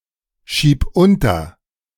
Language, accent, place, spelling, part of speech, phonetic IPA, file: German, Germany, Berlin, schieb unter, verb, [ˌʃiːp ˈʊntɐ], De-schieb unter.ogg
- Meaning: singular imperative of unterschieben